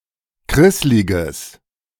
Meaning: strong/mixed nominative/accusative neuter singular of krisslig
- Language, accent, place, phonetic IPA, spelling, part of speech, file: German, Germany, Berlin, [ˈkʁɪslɪɡəs], krissliges, adjective, De-krissliges.ogg